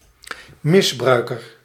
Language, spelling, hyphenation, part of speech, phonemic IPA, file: Dutch, misbruiker, mis‧brui‧ker, noun, /mɪsˈbrœykər/, Nl-misbruiker.ogg
- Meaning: abuser